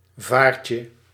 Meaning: diminutive of vaart
- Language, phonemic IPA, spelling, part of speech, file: Dutch, /ˈvarcə/, vaartje, noun, Nl-vaartje.ogg